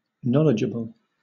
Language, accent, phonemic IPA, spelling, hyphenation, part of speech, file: English, Southern England, /ˈnɒl.ɪ.d͡ʒə.bəl/, knowledgeable, know‧ledge‧a‧ble, adjective / noun, LL-Q1860 (eng)-knowledgeable.wav
- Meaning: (adjective) 1. Having knowledge, especially of a particular subject 2. Educated and well-informed; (noun) A person who has knowledge; an informed party